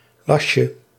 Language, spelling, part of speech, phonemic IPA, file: Dutch, lasje, noun, /ˈlɑʃə/, Nl-lasje.ogg
- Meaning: diminutive of las